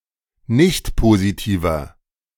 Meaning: inflection of nichtpositiv: 1. strong/mixed nominative masculine singular 2. strong genitive/dative feminine singular 3. strong genitive plural
- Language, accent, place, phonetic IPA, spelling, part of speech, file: German, Germany, Berlin, [ˈnɪçtpoziˌtiːvɐ], nichtpositiver, adjective, De-nichtpositiver.ogg